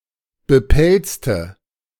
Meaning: inflection of bepelzt: 1. strong/mixed nominative/accusative feminine singular 2. strong nominative/accusative plural 3. weak nominative all-gender singular 4. weak accusative feminine/neuter singular
- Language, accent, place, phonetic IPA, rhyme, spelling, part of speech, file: German, Germany, Berlin, [bəˈpɛlt͡stə], -ɛlt͡stə, bepelzte, adjective, De-bepelzte.ogg